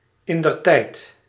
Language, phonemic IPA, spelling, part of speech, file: Dutch, /ˌɪndərˈtɛit/, indertijd, adverb, Nl-indertijd.ogg
- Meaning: at the time, back then